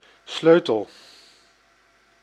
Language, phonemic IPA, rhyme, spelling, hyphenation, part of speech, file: Dutch, /ˈsløː.təl/, -øːtəl, sleutel, sleu‧tel, noun / verb, Nl-sleutel.ogg
- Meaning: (noun) 1. a key 2. a wrench, a spanner 3. a clef; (verb) inflection of sleutelen: 1. first-person singular present indicative 2. second-person singular present indicative 3. imperative